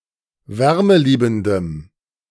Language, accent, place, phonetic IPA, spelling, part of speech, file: German, Germany, Berlin, [ˈvɛʁməˌliːbn̩dəm], wärmeliebendem, adjective, De-wärmeliebendem.ogg
- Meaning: strong dative masculine/neuter singular of wärmeliebend